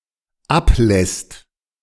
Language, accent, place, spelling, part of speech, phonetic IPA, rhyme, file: German, Germany, Berlin, ablässt, verb, [ˈapˌlɛst], -aplɛst, De-ablässt.ogg
- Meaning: second/third-person singular dependent present of ablassen